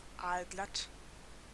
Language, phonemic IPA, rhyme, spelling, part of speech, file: German, /ˌaːlˈɡlat/, -at, aalglatt, adjective, De-aalglatt.ogg
- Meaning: 1. very slippery, like the skin of an eel 2. slippery; unlikely to commit oneself 3. slick; slimy; professional in a disingenuous way